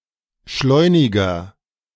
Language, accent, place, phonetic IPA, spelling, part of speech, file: German, Germany, Berlin, [ˈʃlɔɪ̯nɪɡɐ], schleuniger, adjective, De-schleuniger.ogg
- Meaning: 1. comparative degree of schleunig 2. inflection of schleunig: strong/mixed nominative masculine singular 3. inflection of schleunig: strong genitive/dative feminine singular